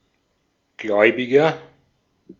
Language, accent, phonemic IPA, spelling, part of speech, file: German, Austria, /ˈɡlɔʏ̯bɪɡɐ/, Gläubiger, noun, De-at-Gläubiger.ogg
- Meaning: 1. creditor (a person to whom a debt is owed) 2. believer